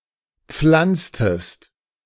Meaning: inflection of pflanzen: 1. second-person singular preterite 2. second-person singular subjunctive II
- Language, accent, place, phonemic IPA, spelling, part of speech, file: German, Germany, Berlin, /ˈpflantstəst/, pflanztest, verb, De-pflanztest.ogg